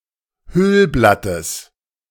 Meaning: genitive singular of Hüllblatt
- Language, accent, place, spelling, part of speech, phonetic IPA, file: German, Germany, Berlin, Hüllblattes, noun, [ˈhʏlblatəs], De-Hüllblattes.ogg